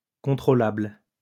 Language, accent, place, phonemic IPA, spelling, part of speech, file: French, France, Lyon, /kɔ̃.tʁo.labl/, contrôlable, adjective, LL-Q150 (fra)-contrôlable.wav
- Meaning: 1. controllable 2. verifiable